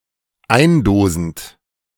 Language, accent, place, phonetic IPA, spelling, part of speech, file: German, Germany, Berlin, [ˈaɪ̯nˌdoːzn̩t], eindosend, verb, De-eindosend.ogg
- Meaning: present participle of eindosen